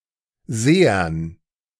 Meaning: dative plural of Seher
- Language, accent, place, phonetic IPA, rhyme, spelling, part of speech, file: German, Germany, Berlin, [ˈzeːɐn], -eːɐn, Sehern, noun, De-Sehern.ogg